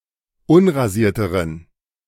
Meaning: inflection of unrasiert: 1. strong genitive masculine/neuter singular comparative degree 2. weak/mixed genitive/dative all-gender singular comparative degree
- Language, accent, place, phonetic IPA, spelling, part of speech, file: German, Germany, Berlin, [ˈʊnʁaˌziːɐ̯təʁən], unrasierteren, adjective, De-unrasierteren.ogg